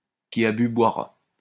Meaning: 1. once a drunkard, always a drunkard 2. old habits die hard; a leopard cannot change its spots
- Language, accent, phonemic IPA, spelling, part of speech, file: French, France, /ki a by bwa.ʁa/, qui a bu boira, proverb, LL-Q150 (fra)-qui a bu boira.wav